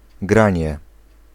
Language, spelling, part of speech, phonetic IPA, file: Polish, granie, noun, [ˈɡrãɲɛ], Pl-granie.ogg